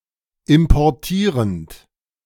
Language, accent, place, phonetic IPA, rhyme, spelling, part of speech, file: German, Germany, Berlin, [ɪmpɔʁˈtiːʁənt], -iːʁənt, importierend, verb, De-importierend.ogg
- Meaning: present participle of importieren